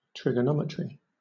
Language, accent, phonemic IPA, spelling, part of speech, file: English, Southern England, /ˌtɹɪɡəˈnɒmətɹi/, trigonometry, noun, LL-Q1860 (eng)-trigonometry.wav